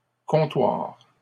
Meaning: plural of comptoir
- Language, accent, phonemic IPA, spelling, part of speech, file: French, Canada, /kɔ̃.twaʁ/, comptoirs, noun, LL-Q150 (fra)-comptoirs.wav